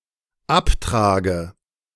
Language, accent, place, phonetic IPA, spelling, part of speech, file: German, Germany, Berlin, [ˈapˌtʁaːɡə], abtrage, verb, De-abtrage.ogg
- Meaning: inflection of abtragen: 1. first-person singular dependent present 2. first/third-person singular dependent subjunctive I